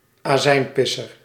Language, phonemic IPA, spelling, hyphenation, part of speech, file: Dutch, /aːˈzɛi̯nˌpɪ.sər/, azijnpisser, azijn‧pis‧ser, noun, Nl-azijnpisser.ogg
- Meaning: curmudgeon, sourpuss